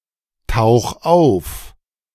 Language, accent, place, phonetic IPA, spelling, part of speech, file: German, Germany, Berlin, [ˌtaʊ̯x ˈaʊ̯f], tauch auf, verb, De-tauch auf.ogg
- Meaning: 1. singular imperative of auftauchen 2. first-person singular present of auftauchen